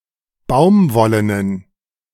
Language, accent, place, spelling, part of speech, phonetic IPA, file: German, Germany, Berlin, baumwollenen, adjective, [ˈbaʊ̯mˌvɔlənən], De-baumwollenen.ogg
- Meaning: inflection of baumwollen: 1. strong genitive masculine/neuter singular 2. weak/mixed genitive/dative all-gender singular 3. strong/weak/mixed accusative masculine singular 4. strong dative plural